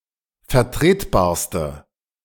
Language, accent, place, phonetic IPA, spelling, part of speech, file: German, Germany, Berlin, [fɛɐ̯ˈtʁeːtˌbaːɐ̯stə], vertretbarste, adjective, De-vertretbarste.ogg
- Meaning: inflection of vertretbar: 1. strong/mixed nominative/accusative feminine singular superlative degree 2. strong nominative/accusative plural superlative degree